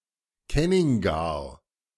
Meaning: plural of Kenning
- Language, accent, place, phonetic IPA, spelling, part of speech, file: German, Germany, Berlin, [ˈkɛnɪŋɡaʁ], Kenningar, noun, De-Kenningar.ogg